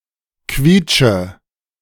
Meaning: inflection of quietschen: 1. first-person singular present 2. first/third-person singular subjunctive I 3. singular imperative
- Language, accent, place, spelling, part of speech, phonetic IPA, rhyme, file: German, Germany, Berlin, quietsche, verb, [ˈkviːt͡ʃə], -iːt͡ʃə, De-quietsche.ogg